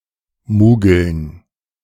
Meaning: plural of Mugel
- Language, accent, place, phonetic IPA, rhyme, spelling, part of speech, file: German, Germany, Berlin, [ˈmuːɡl̩n], -uːɡl̩n, Mugeln, noun, De-Mugeln.ogg